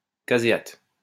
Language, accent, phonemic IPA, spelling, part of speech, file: French, France, /ka.ze.at/, caséate, noun, LL-Q150 (fra)-caséate.wav
- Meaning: caseinate